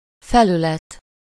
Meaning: 1. surface, face (of a wall) 2. interface
- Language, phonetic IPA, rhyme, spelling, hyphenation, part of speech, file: Hungarian, [ˈfɛlylɛt], -ɛt, felület, fe‧lü‧let, noun, Hu-felület.ogg